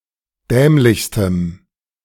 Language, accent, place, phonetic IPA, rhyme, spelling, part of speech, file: German, Germany, Berlin, [ˈdɛːmlɪçstəm], -ɛːmlɪçstəm, dämlichstem, adjective, De-dämlichstem.ogg
- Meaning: strong dative masculine/neuter singular superlative degree of dämlich